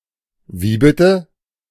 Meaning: sorry?, pardon?, come again?, excuse me?, I beg your pardon? (used to ask someone to repeat something one hasn’t understood or has refused to understand)
- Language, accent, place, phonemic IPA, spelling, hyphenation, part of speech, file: German, Germany, Berlin, /ˈviː ˌbɪtə/, wie bitte, wie bit‧te, phrase, De-wie bitte.ogg